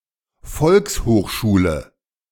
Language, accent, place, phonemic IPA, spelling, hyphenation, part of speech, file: German, Germany, Berlin, /ˈfɔlkshoːxʃuːlə/, Volkshochschule, Volks‧hoch‧schu‧le, noun, De-Volkshochschule.ogg
- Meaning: A kind of post secondary school, see Folk High School - a European version of continuing education